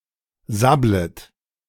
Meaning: second-person plural subjunctive I of sabbeln
- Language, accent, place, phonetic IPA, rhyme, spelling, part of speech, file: German, Germany, Berlin, [ˈzablət], -ablət, sabblet, verb, De-sabblet.ogg